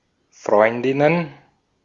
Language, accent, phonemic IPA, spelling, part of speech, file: German, Austria, /ˈfʁɔʏ̯ndɪnən/, Freundinnen, noun, De-at-Freundinnen.ogg
- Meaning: plural of Freundin